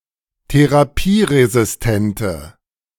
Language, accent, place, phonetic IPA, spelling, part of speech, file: German, Germany, Berlin, [teʁaˈpiːʁezɪsˌtɛntə], therapieresistente, adjective, De-therapieresistente.ogg
- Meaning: inflection of therapieresistent: 1. strong/mixed nominative/accusative feminine singular 2. strong nominative/accusative plural 3. weak nominative all-gender singular